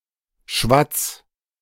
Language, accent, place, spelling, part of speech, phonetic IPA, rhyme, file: German, Germany, Berlin, schwatz, verb, [ʃvat͡s], -at͡s, De-schwatz.ogg
- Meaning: 1. singular imperative of schwatzen 2. first-person singular present of schwatzen